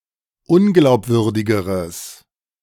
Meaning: strong/mixed nominative/accusative neuter singular comparative degree of unglaubwürdig
- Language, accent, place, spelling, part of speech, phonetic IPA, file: German, Germany, Berlin, unglaubwürdigeres, adjective, [ˈʊnɡlaʊ̯pˌvʏʁdɪɡəʁəs], De-unglaubwürdigeres.ogg